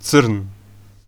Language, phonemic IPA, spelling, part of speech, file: Serbo-Croatian, /t͡sr̩̂ːn/, crn, adjective, Hr-crn.ogg
- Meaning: 1. black 2. swarthy, dusky 3. sable 4. unlucky, bad 5. wicked, heinous 6. Used to express anger or frustration with someone or something